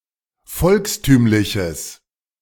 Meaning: strong/mixed nominative/accusative neuter singular of volkstümlich
- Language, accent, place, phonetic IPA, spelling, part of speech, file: German, Germany, Berlin, [ˈfɔlksˌtyːmlɪçəs], volkstümliches, adjective, De-volkstümliches.ogg